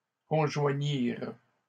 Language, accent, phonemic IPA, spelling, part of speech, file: French, Canada, /kɔ̃.ʒwa.ɲiʁ/, conjoignirent, verb, LL-Q150 (fra)-conjoignirent.wav
- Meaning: third-person plural past historic of conjoindre